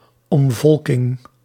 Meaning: demographic replacement by exchanging one population for another (mainly as a part of conspiracy theories about white genocide)
- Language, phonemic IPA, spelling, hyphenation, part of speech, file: Dutch, /ˈɔmˌvɔl.kɪŋ/, omvolking, om‧vol‧king, noun, Nl-omvolking.ogg